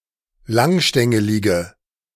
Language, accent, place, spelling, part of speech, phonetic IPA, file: German, Germany, Berlin, langstängelige, adjective, [ˈlaŋˌʃtɛŋəlɪɡə], De-langstängelige.ogg
- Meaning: inflection of langstängelig: 1. strong/mixed nominative/accusative feminine singular 2. strong nominative/accusative plural 3. weak nominative all-gender singular